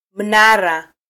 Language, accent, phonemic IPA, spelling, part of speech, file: Swahili, Kenya, /m̩ˈnɑ.ɾɑ/, mnara, noun, Sw-ke-mnara.flac
- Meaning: 1. tower 2. lighthouse 3. minaret 4. a prominent landmark